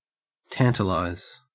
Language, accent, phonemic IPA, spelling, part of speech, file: English, Australia, /ˈtæntəlaɪz/, tantalize, verb, En-au-tantalize.ogg
- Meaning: 1. To tease (someone) by offering or showing them something desirable but leaving them unsatisfied 2. To be teased by something desirable that is kept out of reach